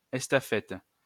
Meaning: 1. courier 2. dispatch rider
- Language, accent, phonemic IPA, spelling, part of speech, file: French, France, /ɛs.ta.fɛt/, estafette, noun, LL-Q150 (fra)-estafette.wav